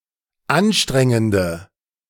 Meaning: inflection of anstrengend: 1. strong/mixed nominative/accusative feminine singular 2. strong nominative/accusative plural 3. weak nominative all-gender singular
- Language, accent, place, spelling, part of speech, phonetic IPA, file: German, Germany, Berlin, anstrengende, adjective, [ˈanˌʃtʁɛŋəndə], De-anstrengende.ogg